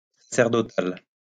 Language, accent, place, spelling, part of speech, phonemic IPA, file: French, France, Lyon, sacerdotal, adjective, /sa.sɛʁ.dɔ.tal/, LL-Q150 (fra)-sacerdotal.wav
- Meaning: priestly